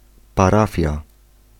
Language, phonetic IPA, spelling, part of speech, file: Polish, [paˈrafʲja], parafia, noun, Pl-parafia.ogg